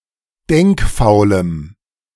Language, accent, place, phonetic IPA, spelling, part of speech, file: German, Germany, Berlin, [ˈdɛŋkˌfaʊ̯ləm], denkfaulem, adjective, De-denkfaulem.ogg
- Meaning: strong dative masculine/neuter singular of denkfaul